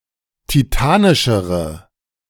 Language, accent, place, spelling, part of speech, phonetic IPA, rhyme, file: German, Germany, Berlin, titanischere, adjective, [tiˈtaːnɪʃəʁə], -aːnɪʃəʁə, De-titanischere.ogg
- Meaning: inflection of titanisch: 1. strong/mixed nominative/accusative feminine singular comparative degree 2. strong nominative/accusative plural comparative degree